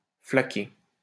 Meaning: to splash
- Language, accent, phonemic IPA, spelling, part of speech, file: French, France, /fla.ke/, flaquer, verb, LL-Q150 (fra)-flaquer.wav